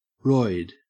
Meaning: 1. Clipping of steroid Steroids, especially those used illegally for performance enhancement 2. Clipping of hemorrhoid Hemorrhoids 3. Clipping of android
- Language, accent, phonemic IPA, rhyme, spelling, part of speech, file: English, Australia, /ɹɔɪd/, -ɔɪd, roid, noun, En-au-roid.ogg